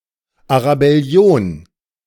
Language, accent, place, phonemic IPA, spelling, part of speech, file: German, Germany, Berlin, /aʁabɛˈli̯oːn/, Arabellion, noun, De-Arabellion.ogg
- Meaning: Arab Spring